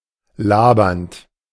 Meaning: present participle of labern
- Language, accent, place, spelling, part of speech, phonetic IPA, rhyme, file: German, Germany, Berlin, labernd, verb, [ˈlaːbɐnt], -aːbɐnt, De-labernd.ogg